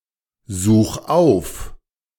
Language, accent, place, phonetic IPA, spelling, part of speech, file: German, Germany, Berlin, [ˌzuːx ˈaʊ̯f], such auf, verb, De-such auf.ogg
- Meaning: 1. singular imperative of aufsuchen 2. first-person singular present of aufsuchen